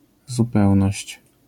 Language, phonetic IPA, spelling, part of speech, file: Polish, [zuˈpɛwnɔɕt͡ɕ], zupełność, noun, LL-Q809 (pol)-zupełność.wav